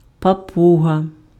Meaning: parrot
- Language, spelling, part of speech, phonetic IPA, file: Ukrainian, папуга, noun, [pɐˈpuɦɐ], Uk-папуга.ogg